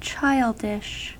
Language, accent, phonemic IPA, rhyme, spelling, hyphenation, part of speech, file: English, US, /ˈt͡ʃaɪldɪʃ/, -aɪldɪʃ, childish, child‧ish, adjective, En-us-childish.ogg
- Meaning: 1. Immature in thought or behaviour 2. Suitable for or expected of a child